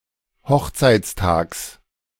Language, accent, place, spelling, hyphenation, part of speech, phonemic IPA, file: German, Germany, Berlin, Hochzeitstags, Hoch‧zeits‧tags, noun, /ˈhɔxt͡saɪ̯t͡sˌtaːks/, De-Hochzeitstags.ogg
- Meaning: genitive singular of Hochzeitstag